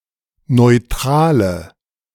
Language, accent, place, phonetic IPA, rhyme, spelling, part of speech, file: German, Germany, Berlin, [nɔɪ̯ˈtʁaːlə], -aːlə, neutrale, adjective, De-neutrale.ogg
- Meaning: inflection of neutral: 1. strong/mixed nominative/accusative feminine singular 2. strong nominative/accusative plural 3. weak nominative all-gender singular 4. weak accusative feminine/neuter singular